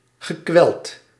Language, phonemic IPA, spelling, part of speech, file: Dutch, /ɣəˈkwɛlt/, gekweld, verb / adjective, Nl-gekweld.ogg
- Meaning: past participle of kwellen